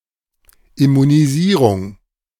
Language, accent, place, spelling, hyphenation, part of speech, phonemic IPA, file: German, Germany, Berlin, Immunisierung, Im‧mu‧ni‧sie‧rung, noun, /ɪmuniˈziːʁʊŋ/, De-Immunisierung.ogg
- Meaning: immunization